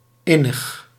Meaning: 1. intimate 2. internal
- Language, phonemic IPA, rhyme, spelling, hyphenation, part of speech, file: Dutch, /ˈɪ.nəx/, -ɪnəx, innig, in‧nig, adjective, Nl-innig.ogg